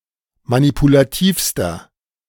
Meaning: inflection of manipulativ: 1. strong/mixed nominative masculine singular superlative degree 2. strong genitive/dative feminine singular superlative degree 3. strong genitive plural superlative degree
- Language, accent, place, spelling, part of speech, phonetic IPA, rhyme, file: German, Germany, Berlin, manipulativster, adjective, [manipulaˈtiːfstɐ], -iːfstɐ, De-manipulativster.ogg